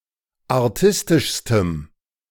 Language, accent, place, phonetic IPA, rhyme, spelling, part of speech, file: German, Germany, Berlin, [aʁˈtɪstɪʃstəm], -ɪstɪʃstəm, artistischstem, adjective, De-artistischstem.ogg
- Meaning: strong dative masculine/neuter singular superlative degree of artistisch